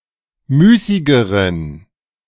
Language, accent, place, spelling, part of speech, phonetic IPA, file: German, Germany, Berlin, müßigeren, adjective, [ˈmyːsɪɡəʁən], De-müßigeren.ogg
- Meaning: inflection of müßig: 1. strong genitive masculine/neuter singular comparative degree 2. weak/mixed genitive/dative all-gender singular comparative degree